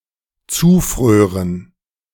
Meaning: first/third-person plural dependent subjunctive II of zufrieren
- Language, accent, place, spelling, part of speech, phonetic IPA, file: German, Germany, Berlin, zufrören, verb, [ˈt͡suːˌfʁøːʁən], De-zufrören.ogg